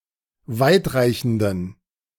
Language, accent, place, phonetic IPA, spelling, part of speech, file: German, Germany, Berlin, [ˈvaɪ̯tˌʁaɪ̯çn̩dən], weitreichenden, adjective, De-weitreichenden.ogg
- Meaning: inflection of weitreichend: 1. strong genitive masculine/neuter singular 2. weak/mixed genitive/dative all-gender singular 3. strong/weak/mixed accusative masculine singular 4. strong dative plural